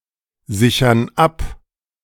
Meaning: inflection of absichern: 1. first/third-person plural present 2. first/third-person plural subjunctive I
- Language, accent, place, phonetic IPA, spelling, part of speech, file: German, Germany, Berlin, [ˌzɪçɐn ˈap], sichern ab, verb, De-sichern ab.ogg